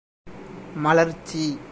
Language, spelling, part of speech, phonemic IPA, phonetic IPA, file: Tamil, மலர்ச்சி, noun, /mɐlɐɾtʃtʃiː/, [mɐlɐɾssiː], Ta-மலர்ச்சி.ogg
- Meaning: 1. blossoming, blooming 2. bloom, freshness 3. cheerfulness